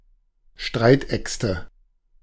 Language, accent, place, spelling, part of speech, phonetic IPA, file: German, Germany, Berlin, Streitäxte, noun, [ˈʃtʁaɪ̯tˌʔɛkstə], De-Streitäxte.ogg
- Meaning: nominative/accusative/genitive plural of Streitaxt